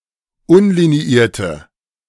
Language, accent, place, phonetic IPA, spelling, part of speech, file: German, Germany, Berlin, [ˈʊnliniˌiːɐ̯tə], unliniierte, adjective, De-unliniierte.ogg
- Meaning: inflection of unliniiert: 1. strong/mixed nominative/accusative feminine singular 2. strong nominative/accusative plural 3. weak nominative all-gender singular